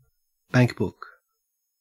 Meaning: wealth
- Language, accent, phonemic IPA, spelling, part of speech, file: English, Australia, /ˈbæŋkˌbʊk/, bankbook, noun, En-au-bankbook.ogg